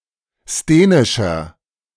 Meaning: inflection of sthenisch: 1. strong/mixed nominative masculine singular 2. strong genitive/dative feminine singular 3. strong genitive plural
- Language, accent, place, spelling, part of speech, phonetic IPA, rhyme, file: German, Germany, Berlin, sthenischer, adjective, [steːnɪʃɐ], -eːnɪʃɐ, De-sthenischer.ogg